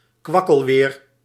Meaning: unsteady, rainy weather
- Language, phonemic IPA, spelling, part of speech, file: Dutch, /ˈkwɑkəlwer/, kwakkelweer, noun, Nl-kwakkelweer.ogg